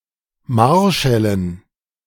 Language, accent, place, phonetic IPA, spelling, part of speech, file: German, Germany, Berlin, [ˈmaʁˌʃɛlən], Marschällen, noun, De-Marschällen.ogg
- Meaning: dative plural of Marschall